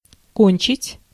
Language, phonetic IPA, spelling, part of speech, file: Russian, [ˈkonʲt͡ɕɪtʲ], кончить, verb, Ru-кончить.ogg
- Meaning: 1. to finish, to end 2. to graduate from 3. to ejaculate, to cum (of a man); to orgasm (of a woman) 4. to kill; to waste 5. to finish; to deplete